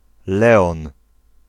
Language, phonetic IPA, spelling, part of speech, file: Polish, [ˈlɛɔ̃n], Leon, proper noun, Pl-Leon.ogg